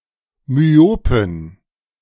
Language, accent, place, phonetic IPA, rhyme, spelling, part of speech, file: German, Germany, Berlin, [myˈoːpn̩], -oːpn̩, myopen, adjective, De-myopen.ogg
- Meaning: inflection of myop: 1. strong genitive masculine/neuter singular 2. weak/mixed genitive/dative all-gender singular 3. strong/weak/mixed accusative masculine singular 4. strong dative plural